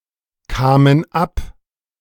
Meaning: first/third-person plural preterite of abkommen
- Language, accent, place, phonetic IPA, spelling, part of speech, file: German, Germany, Berlin, [ˌkaːmən ˈap], kamen ab, verb, De-kamen ab.ogg